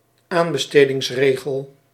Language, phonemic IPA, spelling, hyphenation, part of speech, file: Dutch, /ˈaːn.bə.steː.dɪŋsˌreː.ɣəl/, aanbestedingsregel, aan‧be‧ste‧dings‧re‧gel, noun, Nl-aanbestedingsregel.ogg
- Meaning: tendering rule